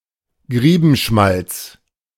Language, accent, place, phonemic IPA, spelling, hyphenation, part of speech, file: German, Germany, Berlin, /ˈɡʁiːbm̩ˌʃmalt͡s/, Griebenschmalz, Grie‧ben‧schmalz, noun, De-Griebenschmalz.ogg
- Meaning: lard (rendered fat) that contains greaves (unmeltable residues)